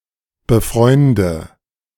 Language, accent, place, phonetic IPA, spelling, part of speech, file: German, Germany, Berlin, [bəˈfʁɔɪ̯ndə], befreunde, verb, De-befreunde.ogg
- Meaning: inflection of befreunden: 1. first-person singular present 2. first/third-person singular subjunctive I 3. singular imperative